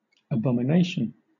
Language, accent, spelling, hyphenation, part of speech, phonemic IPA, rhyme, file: English, Southern England, abomination, a‧bo‧mi‧na‧tion, noun, /əˌbɒ.mɪˈneɪ.ʃən/, -eɪʃən, LL-Q1860 (eng)-abomination.wav
- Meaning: 1. An abominable act; a disgusting vice; a despicable habit 2. The feeling of extreme disgust and hatred 3. A state that excites detestation or abhorrence; pollution